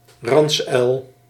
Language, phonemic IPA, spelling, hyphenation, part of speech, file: Dutch, /ˈrɑns.œy̯l/, ransuil, rans‧uil, noun, Nl-ransuil.ogg
- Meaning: long-eared owl (Asio otus)